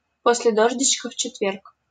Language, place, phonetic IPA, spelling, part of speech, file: Russian, Saint Petersburg, [ˈpos⁽ʲ⁾lʲe ˈdoʐdʲɪt͡ɕkə f‿t͡ɕɪtˈvʲerk], после дождичка в четверг, adverb, LL-Q7737 (rus)-после дождичка в четверг.wav
- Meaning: when pigs fly ("never", expressed by an idiom describing an event that cannot possibly ever occur)